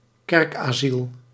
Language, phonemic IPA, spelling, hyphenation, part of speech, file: Dutch, /ˈkɛrkˌaː.zil/, kerkasiel, kerk‧asiel, noun, Nl-kerkasiel.ogg
- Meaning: right of sanctuary bestowed on a refugee by residing in a church (or rarely another house of worship)